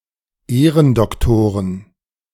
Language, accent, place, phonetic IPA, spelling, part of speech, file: German, Germany, Berlin, [ˈeːʁəndɔkˌtoːʁən], Ehrendoktoren, noun, De-Ehrendoktoren.ogg
- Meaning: plural of Ehrendoktor